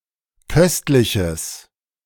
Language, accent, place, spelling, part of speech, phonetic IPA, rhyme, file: German, Germany, Berlin, köstliches, adjective, [ˈkœstlɪçəs], -œstlɪçəs, De-köstliches.ogg
- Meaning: strong/mixed nominative/accusative neuter singular of köstlich